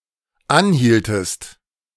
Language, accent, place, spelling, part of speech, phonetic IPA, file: German, Germany, Berlin, anhieltest, verb, [ˈanˌhiːltəst], De-anhieltest.ogg
- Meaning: inflection of anhalten: 1. second-person singular dependent preterite 2. second-person singular dependent subjunctive II